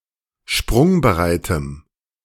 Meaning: strong dative masculine/neuter singular of sprungbereit
- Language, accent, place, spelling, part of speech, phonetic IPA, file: German, Germany, Berlin, sprungbereitem, adjective, [ˈʃpʁʊŋbəˌʁaɪ̯təm], De-sprungbereitem.ogg